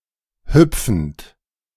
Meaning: present participle of hüpfen
- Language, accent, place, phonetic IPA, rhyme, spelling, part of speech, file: German, Germany, Berlin, [ˈhʏp͡fn̩t], -ʏp͡fn̩t, hüpfend, verb, De-hüpfend.ogg